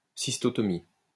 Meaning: cystotomy
- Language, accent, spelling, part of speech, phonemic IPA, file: French, France, cystotomie, noun, /sis.tɔ.tɔ.mi/, LL-Q150 (fra)-cystotomie.wav